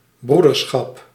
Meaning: brotherhood, a fraternal quality or relationship
- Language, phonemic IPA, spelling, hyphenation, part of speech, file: Dutch, /ˈbru.dərˌsxɑp/, broederschap, broe‧der‧schap, noun, Nl-broederschap.ogg